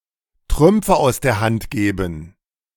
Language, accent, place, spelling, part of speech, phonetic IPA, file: German, Germany, Berlin, Trümpfe aus der Hand geben, verb, [ˈtʁʏmpfə aʊ̯s deːɐ̯ ˈhant ˈɡeːbn], De-Trümpfe aus der Hand geben.ogg
- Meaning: to squander one's advantage